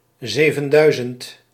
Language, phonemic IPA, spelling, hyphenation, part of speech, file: Dutch, /ˈzeː.və(n)ˌdœy̯.zənt/, zevenduizend, ze‧ven‧dui‧zend, numeral, Nl-zevenduizend.ogg
- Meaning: seven thousand